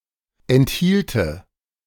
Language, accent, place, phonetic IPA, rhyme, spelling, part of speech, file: German, Germany, Berlin, [ɛntˈhiːltə], -iːltə, enthielte, verb, De-enthielte.ogg
- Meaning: first/third-person singular subjunctive II of enthalten